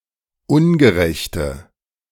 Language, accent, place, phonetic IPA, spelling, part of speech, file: German, Germany, Berlin, [ˈʊnɡəˌʁɛçtə], ungerechte, adjective, De-ungerechte.ogg
- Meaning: inflection of ungerecht: 1. strong/mixed nominative/accusative feminine singular 2. strong nominative/accusative plural 3. weak nominative all-gender singular